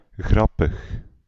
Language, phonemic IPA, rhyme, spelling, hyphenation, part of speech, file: Dutch, /ˈɣrɑ.pəx/, -ɑpəx, grappig, grap‧pig, adjective, Nl-grappig.ogg
- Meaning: funny